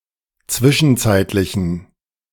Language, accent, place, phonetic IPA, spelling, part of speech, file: German, Germany, Berlin, [ˈt͡svɪʃn̩ˌt͡saɪ̯tlɪçn̩], zwischenzeitlichen, adjective, De-zwischenzeitlichen.ogg
- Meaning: inflection of zwischenzeitlich: 1. strong genitive masculine/neuter singular 2. weak/mixed genitive/dative all-gender singular 3. strong/weak/mixed accusative masculine singular